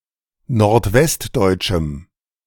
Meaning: strong dative masculine/neuter singular of nordwestdeutsch
- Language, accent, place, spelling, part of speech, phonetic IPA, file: German, Germany, Berlin, nordwestdeutschem, adjective, [noʁtˈvɛstˌdɔɪ̯t͡ʃm̩], De-nordwestdeutschem.ogg